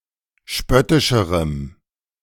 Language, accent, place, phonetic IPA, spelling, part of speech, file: German, Germany, Berlin, [ˈʃpœtɪʃəʁəm], spöttischerem, adjective, De-spöttischerem.ogg
- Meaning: strong dative masculine/neuter singular comparative degree of spöttisch